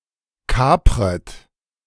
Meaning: second-person plural subjunctive I of kapern
- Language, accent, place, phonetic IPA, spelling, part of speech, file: German, Germany, Berlin, [ˈkaːpʁət], kapret, verb, De-kapret.ogg